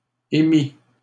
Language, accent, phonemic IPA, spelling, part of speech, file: French, Canada, /e.mi/, émît, verb, LL-Q150 (fra)-émît.wav
- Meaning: third-person singular imperfect subjunctive of émettre